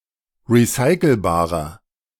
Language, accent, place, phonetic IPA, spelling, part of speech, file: German, Germany, Berlin, [ʁiˈsaɪ̯kl̩baːʁɐ], recycelbarer, adjective, De-recycelbarer.ogg
- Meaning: inflection of recycelbar: 1. strong/mixed nominative masculine singular 2. strong genitive/dative feminine singular 3. strong genitive plural